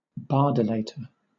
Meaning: One who loves or worships the works of William Shakespeare
- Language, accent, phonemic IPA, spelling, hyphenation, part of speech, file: English, Southern England, /bɑːˈdɒlətə/, bardolator, bar‧dol‧a‧tor, noun, LL-Q1860 (eng)-bardolator.wav